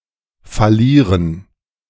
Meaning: 1. to go bankrupt 2. to fail
- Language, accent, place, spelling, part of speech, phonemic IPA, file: German, Germany, Berlin, fallieren, verb, /faˈliːʁən/, De-fallieren.ogg